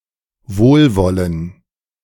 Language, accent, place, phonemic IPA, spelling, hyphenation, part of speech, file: German, Germany, Berlin, /ˈvoːlˌvɔlən/, wohlwollen, wohl‧wol‧len, verb, De-wohlwollen.ogg
- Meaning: to have goodwill towards